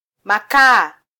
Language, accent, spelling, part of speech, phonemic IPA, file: Swahili, Kenya, makaa, noun, /mɑˈkɑː/, Sw-ke-makaa.flac
- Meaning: plural of kaa